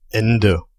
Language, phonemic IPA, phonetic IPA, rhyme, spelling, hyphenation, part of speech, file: German, /ˈɛndə/, [ˈʔɛn.də], -ɛndə, Ende, En‧de, noun, De-Ende.ogg
- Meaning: 1. end, finish 2. conclusion